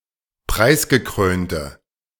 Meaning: inflection of preisgekrönt: 1. strong/mixed nominative/accusative feminine singular 2. strong nominative/accusative plural 3. weak nominative all-gender singular
- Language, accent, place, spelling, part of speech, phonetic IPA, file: German, Germany, Berlin, preisgekrönte, adjective, [ˈpʁaɪ̯sɡəˌkʁøːntə], De-preisgekrönte.ogg